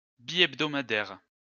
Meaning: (adjective) biweekly (twice a week); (noun) a publication issued twice a week
- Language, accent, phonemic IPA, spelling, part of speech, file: French, France, /bi.ɛb.dɔ.ma.dɛʁ/, bihebdomadaire, adjective / noun, LL-Q150 (fra)-bihebdomadaire.wav